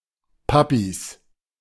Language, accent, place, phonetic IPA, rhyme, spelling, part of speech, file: German, Germany, Berlin, [ˈpapis], -apis, Papis, noun, De-Papis.ogg
- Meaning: 1. plural of Papi 2. genitive singular of Papi